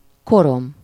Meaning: 1. soot (fine black or dull brown particles of amorphous carbon and tar, produced by the incomplete combustion of coal, oil) 2. first-person singular single-possession possessive of kor
- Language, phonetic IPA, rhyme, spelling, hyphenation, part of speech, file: Hungarian, [ˈkorom], -om, korom, ko‧rom, noun, Hu-korom.ogg